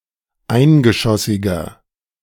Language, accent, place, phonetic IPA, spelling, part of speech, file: German, Germany, Berlin, [ˈaɪ̯nɡəˌʃɔsɪɡɐ], eingeschossiger, adjective, De-eingeschossiger.ogg
- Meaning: inflection of eingeschossig: 1. strong/mixed nominative masculine singular 2. strong genitive/dative feminine singular 3. strong genitive plural